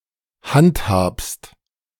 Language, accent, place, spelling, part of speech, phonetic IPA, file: German, Germany, Berlin, handhabst, verb, [ˈhantˌhaːpst], De-handhabst.ogg
- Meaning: second-person singular present of handhaben